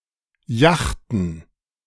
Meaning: plural of Jacht
- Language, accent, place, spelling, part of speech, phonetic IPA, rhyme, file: German, Germany, Berlin, Jachten, noun, [ˈjaxtn̩], -axtn̩, De-Jachten.ogg